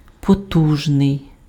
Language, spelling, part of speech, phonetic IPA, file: Ukrainian, потужний, adjective, [poˈtuʒnei̯], Uk-потужний.ogg
- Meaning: powerful, mighty, strong